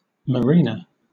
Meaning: Synonym of sailor, particularly one on a maritime vessel
- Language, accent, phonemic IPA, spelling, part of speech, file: English, Southern England, /ˈmæɹɪnə/, mariner, noun, LL-Q1860 (eng)-mariner.wav